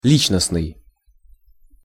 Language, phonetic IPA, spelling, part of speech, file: Russian, [ˈlʲit͡ɕnəsnɨj], личностный, adjective, Ru-личностный.ogg
- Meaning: 1. personality 2. personal